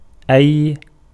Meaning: 1. which ...? what ...? what kind of ...? (followed by a noun in the genitive or a personal suffix) 2. whichever 3. any
- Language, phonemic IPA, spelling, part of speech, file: Arabic, /ʔajj/, أي, pronoun, Ar-أي.ogg